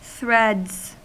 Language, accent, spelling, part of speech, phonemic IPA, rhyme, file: English, US, threads, noun / verb, /θɾ̪̊ɛdz/, -ɛdz, En-us-threads.ogg
- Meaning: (noun) 1. plural of thread 2. Clothes, clothing; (verb) third-person singular simple present indicative of thread